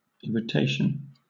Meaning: 1. The act of irritating or annoying 2. The state of being irritated 3. A thing or person that annoys 4. A state of inflammation or of painful reaction to cell or tissue damage
- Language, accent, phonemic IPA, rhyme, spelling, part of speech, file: English, Southern England, /ˌɪɹ.ɪˈteɪ.ʃən/, -eɪʃən, irritation, noun, LL-Q1860 (eng)-irritation.wav